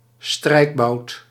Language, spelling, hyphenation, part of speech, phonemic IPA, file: Dutch, strijkbout, strijk‧bout, noun, /ˈstrɛi̯k.bɑu̯t/, Nl-strijkbout.ogg
- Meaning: iron (iron for ironing clothes)